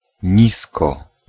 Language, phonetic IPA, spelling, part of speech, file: Polish, [ˈɲiskɔ], nisko, adverb, Pl-nisko.ogg